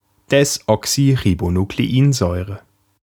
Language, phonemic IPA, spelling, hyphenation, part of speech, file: German, /ˌdɛsʔɔksyʁibonukleˈʔiːnzɔɪ̯ʁə/, Desoxyribonukleinsäure, Des‧oxy‧ri‧bo‧nu‧k‧le‧in‧säu‧re, noun, De-Desoxyribonukleinsäure.ogg
- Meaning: deoxyribonucleic acid (DNA)